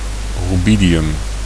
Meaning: rubidium (chemical element)
- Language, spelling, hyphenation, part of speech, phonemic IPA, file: Dutch, rubidium, ru‧bi‧di‧um, noun, /ˌryˈbi.di.ʏm/, Nl-rubidium.ogg